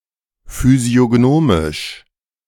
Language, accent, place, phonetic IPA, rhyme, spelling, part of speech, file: German, Germany, Berlin, [fyzi̯oˈɡnoːmɪʃ], -oːmɪʃ, physiognomisch, adjective, De-physiognomisch.ogg
- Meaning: physiognomic